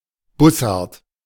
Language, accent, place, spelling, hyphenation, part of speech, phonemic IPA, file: German, Germany, Berlin, Bussard, Bus‧sard, noun, /ˈbʊsaʁt/, De-Bussard.ogg
- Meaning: buzzard (genus Buteo)